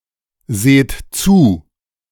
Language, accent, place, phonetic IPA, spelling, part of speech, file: German, Germany, Berlin, [ˌzeːt ˈt͡suː], seht zu, verb, De-seht zu.ogg
- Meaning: inflection of zusehen: 1. second-person plural present 2. plural imperative